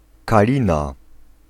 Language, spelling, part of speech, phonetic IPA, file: Polish, kalina, noun, [kaˈlʲĩna], Pl-kalina.ogg